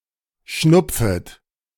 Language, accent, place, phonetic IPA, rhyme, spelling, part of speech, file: German, Germany, Berlin, [ˈʃnʊp͡fət], -ʊp͡fət, schnupfet, verb, De-schnupfet.ogg
- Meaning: second-person plural subjunctive I of schnupfen